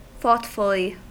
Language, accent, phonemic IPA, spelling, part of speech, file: English, US, /ˈθɔtfəli/, thoughtfully, adverb, En-us-thoughtfully.ogg
- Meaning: 1. In a thoughtful or pensive manner 2. In a way that shows kindness or consideration for others